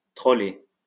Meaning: 1. to wander unsystematically about, looking for game 2. to troll
- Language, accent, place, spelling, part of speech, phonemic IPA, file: French, France, Lyon, troller, verb, /tʁɔ.le/, LL-Q150 (fra)-troller.wav